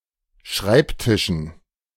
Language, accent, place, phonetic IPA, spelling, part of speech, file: German, Germany, Berlin, [ˈʃʁaɪ̯pˌtɪʃn̩], Schreibtischen, noun, De-Schreibtischen.ogg
- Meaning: dative plural of Schreibtisch